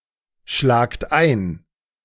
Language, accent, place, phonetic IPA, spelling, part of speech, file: German, Germany, Berlin, [ˌʃlaːkt ˈaɪ̯n], schlagt ein, verb, De-schlagt ein.ogg
- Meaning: second-person plural present of einschlagen